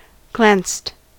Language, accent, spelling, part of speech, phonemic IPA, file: English, US, glanced, verb, /ɡlænst/, En-us-glanced.ogg
- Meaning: simple past and past participle of glance